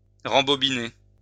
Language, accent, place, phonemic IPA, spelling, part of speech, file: French, France, Lyon, /ʁɑ̃.bɔ.bi.ne/, rembobiner, verb, LL-Q150 (fra)-rembobiner.wav
- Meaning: 1. to recoil onto a bobbin 2. to rewind a cassette